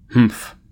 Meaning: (interjection) Alternative form of humph
- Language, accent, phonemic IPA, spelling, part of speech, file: English, US, /hm̩f/, hmph, interjection / verb, En-us-hmph.ogg